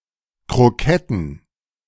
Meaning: plural of Krokette
- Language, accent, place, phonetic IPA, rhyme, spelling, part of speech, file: German, Germany, Berlin, [kʁoˈkɛtn̩], -ɛtn̩, Kroketten, noun, De-Kroketten.ogg